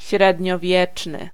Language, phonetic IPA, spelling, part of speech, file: Polish, [ˌɕrɛdʲɲɔˈvʲjɛt͡ʃnɨ], średniowieczny, adjective, Pl-średniowieczny.ogg